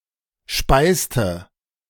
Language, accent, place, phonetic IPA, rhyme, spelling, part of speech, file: German, Germany, Berlin, [ˈʃpaɪ̯stə], -aɪ̯stə, speiste, verb, De-speiste.ogg
- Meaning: inflection of speisen: 1. first/third-person singular preterite 2. first/third-person singular subjunctive II